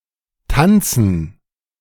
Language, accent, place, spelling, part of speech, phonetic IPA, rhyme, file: German, Germany, Berlin, Tanzen, noun, [ˈtant͡sn̩], -ant͡sn̩, De-Tanzen.ogg
- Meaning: gerund of tanzen